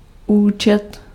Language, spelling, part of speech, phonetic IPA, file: Czech, účet, noun, [ˈuːt͡ʃɛt], Cs-účet.ogg
- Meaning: 1. bill (invoice) 2. account (bank account)